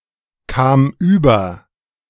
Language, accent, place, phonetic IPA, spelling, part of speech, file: German, Germany, Berlin, [ˌkaːm ˈyːbɐ], kam über, verb, De-kam über.ogg
- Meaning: first/third-person singular preterite of überkommen